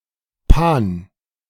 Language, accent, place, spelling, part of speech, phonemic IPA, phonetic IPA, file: German, Germany, Berlin, pan-, prefix, /pan/, [pʰän], De-pan-.ogg
- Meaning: pan-